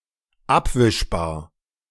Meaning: able to be wiped away / clean
- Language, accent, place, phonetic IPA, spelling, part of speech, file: German, Germany, Berlin, [ˈapvɪʃbaːɐ̯], abwischbar, adjective, De-abwischbar.ogg